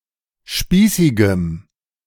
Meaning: strong dative masculine/neuter singular of spießig
- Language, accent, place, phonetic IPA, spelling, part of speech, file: German, Germany, Berlin, [ˈʃpiːsɪɡəm], spießigem, adjective, De-spießigem.ogg